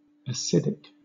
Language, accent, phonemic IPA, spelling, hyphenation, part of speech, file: English, Southern England, /əˈsɪd.ɪk/, acidic, a‧cid‧ic, adjective, LL-Q1860 (eng)-acidic.wav
- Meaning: 1. Of or relating to acid; having the character of an acid 2. Having a pH less than 7, or being sour, or having the strength to neutralize alkalis, or turning a litmus paper red